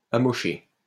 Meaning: past participle of amocher
- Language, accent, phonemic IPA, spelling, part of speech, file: French, France, /a.mɔ.ʃe/, amoché, verb, LL-Q150 (fra)-amoché.wav